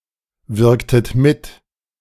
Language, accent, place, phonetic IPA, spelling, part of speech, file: German, Germany, Berlin, [ˌvɪʁktət ˈmɪt], wirktet mit, verb, De-wirktet mit.ogg
- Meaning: inflection of mitwirken: 1. second-person plural preterite 2. second-person plural subjunctive II